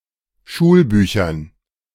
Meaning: dative plural of Schulbuch
- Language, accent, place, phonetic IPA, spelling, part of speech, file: German, Germany, Berlin, [ˈʃuːlˌbyːçɐn], Schulbüchern, noun, De-Schulbüchern.ogg